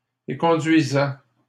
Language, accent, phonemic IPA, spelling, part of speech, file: French, Canada, /e.kɔ̃.dɥi.zɛ/, éconduisaient, verb, LL-Q150 (fra)-éconduisaient.wav
- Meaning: third-person plural imperfect indicative of éconduire